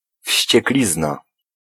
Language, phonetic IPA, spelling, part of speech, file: Polish, [fʲɕt͡ɕɛkˈlʲizna], wścieklizna, noun, Pl-wścieklizna.ogg